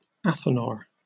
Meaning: A furnace or stove designed and used to maintain uniform heat, primarily used by alchemists
- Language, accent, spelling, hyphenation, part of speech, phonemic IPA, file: English, Received Pronunciation, athanor, atha‧nor, noun, /ˈæθənɔː/, En-uk-athanor.oga